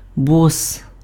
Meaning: boss
- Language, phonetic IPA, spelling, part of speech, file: Ukrainian, [bɔs], бос, noun, Uk-бос.ogg